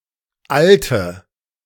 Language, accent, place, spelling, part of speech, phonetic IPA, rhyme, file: German, Germany, Berlin, alte, adjective, [ˈaltə], -altə, De-alte.ogg
- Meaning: inflection of alt: 1. strong/mixed nominative/accusative feminine singular 2. strong nominative/accusative plural 3. weak nominative all-gender singular 4. weak accusative feminine/neuter singular